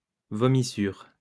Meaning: vomit, sick
- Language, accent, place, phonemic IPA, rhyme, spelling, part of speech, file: French, France, Lyon, /vɔ.mi.syʁ/, -yʁ, vomissure, noun, LL-Q150 (fra)-vomissure.wav